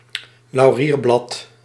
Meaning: a bay leaf, a laurel leaf, often used as a culinary herb
- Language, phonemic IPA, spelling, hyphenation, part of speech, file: Dutch, /lɑu̯ˈriːrˌblɑt/, laurierblad, lau‧rier‧blad, noun, Nl-laurierblad.ogg